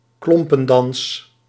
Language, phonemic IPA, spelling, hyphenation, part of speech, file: Dutch, /ˈklɔm.pə(n)ˌdɑns/, klompendans, klom‧pen‧dans, noun, Nl-klompendans.ogg
- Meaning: clog dance (traditional dance performed wearing clogs)